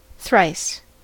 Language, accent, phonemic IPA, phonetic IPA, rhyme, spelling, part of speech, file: English, US, /θɹaɪs/, [θɾ̪̊äɪs], -aɪs, thrice, adverb, En-us-thrice.ogg
- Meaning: Three times